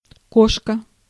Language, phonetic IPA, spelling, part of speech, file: Russian, [ˈkoʂkə], кошка, noun, Ru-кошка.ogg
- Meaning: 1. cat 2. cat-o'-nine-tails 3. grapnel, drag 4. grapple fork 5. car, trolley, carriage 6. spit, bar 7. crampons, climbing irons, climbing grapplers